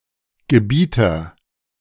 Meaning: arbiter, commander, ruler, master, lord
- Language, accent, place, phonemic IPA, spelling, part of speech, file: German, Germany, Berlin, /ɡəˈbiːtɐ/, Gebieter, noun, De-Gebieter.ogg